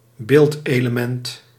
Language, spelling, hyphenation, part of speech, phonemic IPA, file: Dutch, beeldelement, beeld‧ele‧ment, noun, /ˈbeːlt.eː.ləˌmɛnt/, Nl-beeldelement.ogg
- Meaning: image element (compositional component of a visual composition)